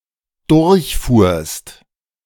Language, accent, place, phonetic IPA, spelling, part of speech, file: German, Germany, Berlin, [ˈdʊʁçˌfuːɐ̯st], durchfuhrst, verb, De-durchfuhrst.ogg
- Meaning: second-person singular dependent preterite of durchfahren